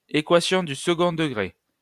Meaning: quadratic equation
- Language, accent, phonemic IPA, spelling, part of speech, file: French, France, /e.kwa.sjɔ̃ dy s(ə).ɡɔ̃ də.ɡʁe/, équation du second degré, noun, LL-Q150 (fra)-équation du second degré.wav